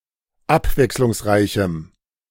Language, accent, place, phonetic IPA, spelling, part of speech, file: German, Germany, Berlin, [ˈapvɛkslʊŋsˌʁaɪ̯çm̩], abwechslungsreichem, adjective, De-abwechslungsreichem.ogg
- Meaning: strong dative masculine/neuter singular of abwechslungsreich